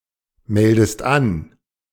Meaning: inflection of anmelden: 1. second-person singular present 2. second-person singular subjunctive I
- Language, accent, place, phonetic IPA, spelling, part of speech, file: German, Germany, Berlin, [ˌmɛldəst ˈan], meldest an, verb, De-meldest an.ogg